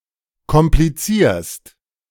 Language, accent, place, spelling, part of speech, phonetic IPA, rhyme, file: German, Germany, Berlin, komplizierst, verb, [kɔmpliˈt͡siːɐ̯st], -iːɐ̯st, De-komplizierst.ogg
- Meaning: second-person singular present of komplizieren